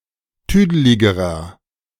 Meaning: inflection of tüdelig: 1. strong/mixed nominative masculine singular comparative degree 2. strong genitive/dative feminine singular comparative degree 3. strong genitive plural comparative degree
- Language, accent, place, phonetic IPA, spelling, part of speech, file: German, Germany, Berlin, [ˈtyːdəlɪɡəʁɐ], tüdeligerer, adjective, De-tüdeligerer.ogg